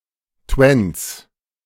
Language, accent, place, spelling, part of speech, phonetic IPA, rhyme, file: German, Germany, Berlin, Twens, noun, [tvɛns], -ɛns, De-Twens.ogg
- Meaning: 1. genitive singular of Twen 2. plural of Twen